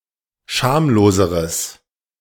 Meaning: strong/mixed nominative/accusative neuter singular comparative degree of schamlos
- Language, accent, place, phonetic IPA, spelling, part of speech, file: German, Germany, Berlin, [ˈʃaːmloːzəʁəs], schamloseres, adjective, De-schamloseres.ogg